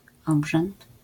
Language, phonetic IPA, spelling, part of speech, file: Polish, [ˈɔbʒɛ̃nt], obrzęd, noun, LL-Q809 (pol)-obrzęd.wav